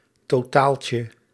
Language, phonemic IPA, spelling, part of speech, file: Dutch, /tɔˈtaːl.tjə/, totaaltje, noun, Nl-totaaltje.ogg
- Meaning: an arrangement of light spots which serves a general purpose on the stage